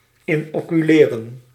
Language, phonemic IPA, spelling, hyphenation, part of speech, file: Dutch, /ɪnoːkyˈleːrə(n)/, inoculeren, in‧ocu‧le‧ren, verb, Nl-inoculeren.ogg
- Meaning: to inoculate